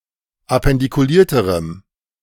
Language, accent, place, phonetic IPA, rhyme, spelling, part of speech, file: German, Germany, Berlin, [apɛndikuˈliːɐ̯təʁəm], -iːɐ̯təʁəm, appendikulierterem, adjective, De-appendikulierterem.ogg
- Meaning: strong dative masculine/neuter singular comparative degree of appendikuliert